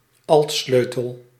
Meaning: alto clef
- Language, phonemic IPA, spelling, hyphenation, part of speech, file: Dutch, /ˈɑltˌsløː.təl/, altsleutel, alt‧sleu‧tel, noun, Nl-altsleutel.ogg